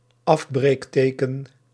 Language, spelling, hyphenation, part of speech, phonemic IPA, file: Dutch, afbreekteken, af‧breek‧te‧ken, noun, /ˈɑf.breːkˌteː.kə(n)/, Nl-afbreekteken.ogg
- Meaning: hyphen, used to indicate that a word has been split at the end of a line